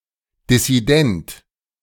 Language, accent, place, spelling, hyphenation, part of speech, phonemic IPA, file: German, Germany, Berlin, dissident, dis‧si‧dent, adjective, /dɪsiˈdɛnt/, De-dissident.ogg
- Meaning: dissident